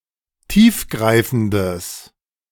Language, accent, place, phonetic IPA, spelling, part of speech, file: German, Germany, Berlin, [ˈtiːfˌɡʁaɪ̯fn̩dəs], tiefgreifendes, adjective, De-tiefgreifendes.ogg
- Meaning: strong/mixed nominative/accusative neuter singular of tiefgreifend